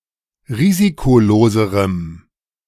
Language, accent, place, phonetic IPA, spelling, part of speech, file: German, Germany, Berlin, [ˈʁiːzikoˌloːzəʁəm], risikoloserem, adjective, De-risikoloserem.ogg
- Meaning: strong dative masculine/neuter singular comparative degree of risikolos